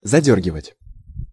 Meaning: 1. to draw, to pull, to shut (a curtain) 2. to torment (a horse) through repeatedly tugging the reins 3. to harass or torment through repeated demands
- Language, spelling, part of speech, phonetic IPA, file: Russian, задёргивать, verb, [zɐˈdʲɵrɡʲɪvətʲ], Ru-задёргивать.ogg